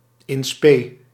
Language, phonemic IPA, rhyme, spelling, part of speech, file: Dutch, /ɪn ˈspeː/, -eː, in spe, phrase, Nl-in spe.ogg
- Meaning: prospective, hopeful, upcoming